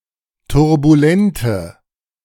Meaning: inflection of turbulent: 1. strong/mixed nominative/accusative feminine singular 2. strong nominative/accusative plural 3. weak nominative all-gender singular
- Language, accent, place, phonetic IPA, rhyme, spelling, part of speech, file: German, Germany, Berlin, [tʊʁbuˈlɛntə], -ɛntə, turbulente, adjective, De-turbulente.ogg